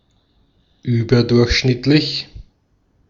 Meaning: above average
- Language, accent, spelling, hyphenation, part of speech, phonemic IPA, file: German, Austria, überdurchschnittlich, ü‧ber‧durch‧schnitt‧lich, adjective, /yːbɐdʊʁçʃnɪtlɪç/, De-at-überdurchschnittlich.ogg